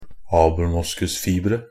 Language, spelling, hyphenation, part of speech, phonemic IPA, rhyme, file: Norwegian Bokmål, abelmoskusfibre, ab‧el‧mos‧kus‧fib‧re, noun, /ɑːbl̩ˈmʊskʉsfiːbrə/, -iːbrə, NB - Pronunciation of Norwegian Bokmål «abelmoskusfibre».ogg
- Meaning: indefinite plural of abelmoskusfiber